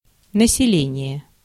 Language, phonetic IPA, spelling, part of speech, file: Russian, [nəsʲɪˈlʲenʲɪje], население, noun, Ru-население.ogg
- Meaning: 1. population, inhabitants 2. peopling, settling